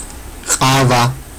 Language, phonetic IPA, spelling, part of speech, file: Georgian, [χʼävä], ყავა, noun, Ka-qava.ogg
- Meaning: coffee